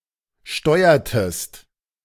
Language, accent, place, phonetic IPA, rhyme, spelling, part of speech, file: German, Germany, Berlin, [ˈʃtɔɪ̯ɐtəst], -ɔɪ̯ɐtəst, steuertest, verb, De-steuertest.ogg
- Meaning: inflection of steuern: 1. second-person singular preterite 2. second-person singular subjunctive II